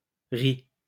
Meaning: inflection of rire: 1. third-person singular present indicative 2. third-person singular past historic
- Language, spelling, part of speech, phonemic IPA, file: French, rit, verb, /ʁi/, LL-Q150 (fra)-rit.wav